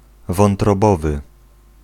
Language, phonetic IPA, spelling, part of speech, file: Polish, [ˌvɔ̃ntrɔˈbɔvɨ], wątrobowy, adjective, Pl-wątrobowy.ogg